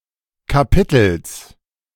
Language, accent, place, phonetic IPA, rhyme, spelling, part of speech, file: German, Germany, Berlin, [kaˈpɪtl̩s], -ɪtl̩s, Kapitels, noun, De-Kapitels.ogg
- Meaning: genitive singular of Kapitel